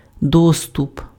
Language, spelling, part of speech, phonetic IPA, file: Ukrainian, доступ, noun, [ˈdɔstʊp], Uk-доступ.ogg
- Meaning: access, admittance, admission